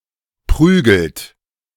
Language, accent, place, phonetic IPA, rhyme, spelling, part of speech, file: German, Germany, Berlin, [ˈpʁyːɡl̩t], -yːɡl̩t, prügelt, verb, De-prügelt.ogg
- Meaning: inflection of prügeln: 1. third-person singular present 2. second-person plural present 3. plural imperative